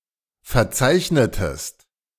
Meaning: inflection of verzeichnen: 1. second-person singular preterite 2. second-person singular subjunctive II
- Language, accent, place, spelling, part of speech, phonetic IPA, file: German, Germany, Berlin, verzeichnetest, verb, [fɛɐ̯ˈt͡saɪ̯çnətəst], De-verzeichnetest.ogg